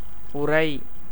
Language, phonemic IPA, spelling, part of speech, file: Tamil, /ʊɾɐɪ̯/, உரை, verb / noun, Ta-உரை.ogg
- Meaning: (verb) 1. to be reduced into a powder or paste; to wear away by attrition; to be indented or effaced by rubbing 2. to rub into a paste, wear away by rubbing, grate